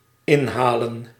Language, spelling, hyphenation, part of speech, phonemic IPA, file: Dutch, inhalen, in‧ha‧len, verb, /ˈɪnˌɦaː.lə(n)/, Nl-inhalen.ogg
- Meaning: 1. to fetch, bring in(side); harvest 2. to catch up (with) 3. to overtake, to pass (traffic) 4. to welcome, to receive warmly